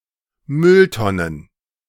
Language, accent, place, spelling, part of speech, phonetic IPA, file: German, Germany, Berlin, Mülltonnen, noun, [ˈmʏlˌtɔnən], De-Mülltonnen.ogg
- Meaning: plural of Mülltonne